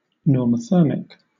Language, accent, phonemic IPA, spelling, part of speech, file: English, Southern England, /nɔːməˈθɜːmɪk/, normothermic, adjective, LL-Q1860 (eng)-normothermic.wav
- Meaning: Having a normal body temperature